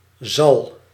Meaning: first/second/third-person singular present indicative of zullen
- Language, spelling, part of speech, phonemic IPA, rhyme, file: Dutch, zal, verb, /zɑl/, -ɑl, Nl-zal.ogg